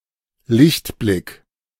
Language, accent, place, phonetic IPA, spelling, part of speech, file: German, Germany, Berlin, [ˈlɪçtˌblɪk], Lichtblick, noun, De-Lichtblick.ogg
- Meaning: silver lining, ray of hope, bright spot